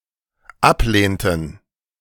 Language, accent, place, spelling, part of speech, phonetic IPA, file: German, Germany, Berlin, ablehnten, verb, [ˈapˌleːntn̩], De-ablehnten.ogg
- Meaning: inflection of ablehnen: 1. first/third-person plural dependent preterite 2. first/third-person plural dependent subjunctive II